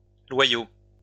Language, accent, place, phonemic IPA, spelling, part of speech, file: French, France, Lyon, /lwa.jo/, loyaux, adjective, LL-Q150 (fra)-loyaux.wav
- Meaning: masculine plural of loyal